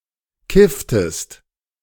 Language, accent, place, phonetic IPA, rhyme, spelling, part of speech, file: German, Germany, Berlin, [ˈkɪftəst], -ɪftəst, kifftest, verb, De-kifftest.ogg
- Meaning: inflection of kiffen: 1. second-person singular preterite 2. second-person singular subjunctive II